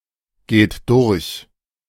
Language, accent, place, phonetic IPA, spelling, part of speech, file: German, Germany, Berlin, [ˌɡeːt ˈdʊʁç], geht durch, verb, De-geht durch.ogg
- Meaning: inflection of durchgehen: 1. third-person singular present 2. second-person plural present 3. plural imperative